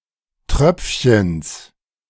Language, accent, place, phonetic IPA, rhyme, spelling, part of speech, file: German, Germany, Berlin, [ˈtʁœp͡fçəns], -œp͡fçəns, Tröpfchens, noun, De-Tröpfchens.ogg
- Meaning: genitive singular of Tröpfchen